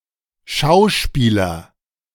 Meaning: actor
- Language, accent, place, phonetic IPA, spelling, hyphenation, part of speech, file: German, Germany, Berlin, [ˈʃaʊ̯ˌʃpiːlɐ], Schauspieler, Schau‧spie‧ler, noun, De-Schauspieler.ogg